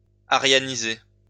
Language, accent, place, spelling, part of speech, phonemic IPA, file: French, France, Lyon, aryaniser, verb, /a.ʁja.ni.ze/, LL-Q150 (fra)-aryaniser.wav
- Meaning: to Aryanize